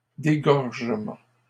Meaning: disgorgement
- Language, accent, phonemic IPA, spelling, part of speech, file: French, Canada, /de.ɡɔʁ.ʒə.mɑ̃/, dégorgement, noun, LL-Q150 (fra)-dégorgement.wav